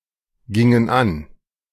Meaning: inflection of angehen: 1. first/third-person plural preterite 2. first/third-person plural subjunctive II
- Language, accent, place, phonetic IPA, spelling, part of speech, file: German, Germany, Berlin, [ˌɡɪŋən ˈan], gingen an, verb, De-gingen an.ogg